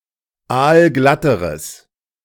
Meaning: strong/mixed nominative/accusative neuter singular comparative degree of aalglatt
- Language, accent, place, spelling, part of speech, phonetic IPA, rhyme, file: German, Germany, Berlin, aalglatteres, adjective, [ˈaːlˈɡlatəʁəs], -atəʁəs, De-aalglatteres.ogg